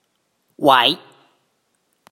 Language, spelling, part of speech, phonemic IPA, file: Mon, ဝ, character / noun, /wɛ̤ʔ/, Mnw-ဝ.oga
- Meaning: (character) Wa, the twenty-ninth consonant of the Mon alphabet